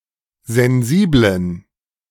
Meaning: inflection of sensibel: 1. strong genitive masculine/neuter singular 2. weak/mixed genitive/dative all-gender singular 3. strong/weak/mixed accusative masculine singular 4. strong dative plural
- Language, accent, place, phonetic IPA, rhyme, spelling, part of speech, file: German, Germany, Berlin, [zɛnˈziːblən], -iːblən, sensiblen, adjective, De-sensiblen.ogg